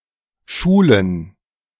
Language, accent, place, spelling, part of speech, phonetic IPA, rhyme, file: German, Germany, Berlin, schulen, verb, [ˈʃuːlən], -uːlən, De-schulen.ogg
- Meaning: to school